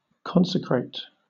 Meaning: 1. To declare something holy, or make it holy by some procedure 2. To ordain as a bishop 3. To commit (oneself or one's time) solemnly to some aim or task
- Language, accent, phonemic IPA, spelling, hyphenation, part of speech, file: English, Southern England, /ˈkɒnsəkɹeɪt/, consecrate, con‧se‧crate, verb, LL-Q1860 (eng)-consecrate.wav